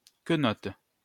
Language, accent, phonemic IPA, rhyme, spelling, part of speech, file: French, France, /kə.nɔt/, -ɔt, quenotte, noun, LL-Q150 (fra)-quenotte.wav
- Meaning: tooth, toothy-peg